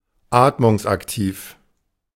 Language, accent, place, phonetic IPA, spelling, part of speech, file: German, Germany, Berlin, [ˈaːtmʊŋsʔakˌtiːf], atmungsaktiv, adjective, De-atmungsaktiv.ogg
- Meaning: breathable (of clothing)